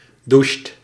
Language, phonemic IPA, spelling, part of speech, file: Dutch, /duʃt/, doucht, verb, Nl-doucht.ogg
- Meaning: inflection of douchen: 1. second/third-person singular present indicative 2. plural imperative